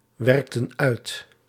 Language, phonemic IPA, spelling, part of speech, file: Dutch, /ˈwɛrᵊktə(n) ˈœyt/, werkten uit, verb, Nl-werkten uit.ogg
- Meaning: inflection of uitwerken: 1. plural past indicative 2. plural past subjunctive